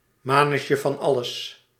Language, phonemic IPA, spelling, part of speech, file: Dutch, /ˌmaːnəsjəvɑnˈɑləs/, manusje-van-alles, noun, Nl-manusje-van-alles.ogg
- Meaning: 1. handyman (man who does odd tasks) 2. jack of all trades, factotum